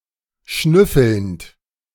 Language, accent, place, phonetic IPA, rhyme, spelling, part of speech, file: German, Germany, Berlin, [ˈʃnʏfl̩nt], -ʏfl̩nt, schnüffelnd, verb, De-schnüffelnd.ogg
- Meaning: present participle of schnüffeln